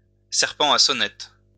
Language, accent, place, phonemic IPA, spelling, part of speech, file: French, France, Lyon, /sɛʁ.pɑ̃ a sɔ.nɛt/, serpent à sonnettes, noun, LL-Q150 (fra)-serpent à sonnettes.wav
- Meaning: rattlesnake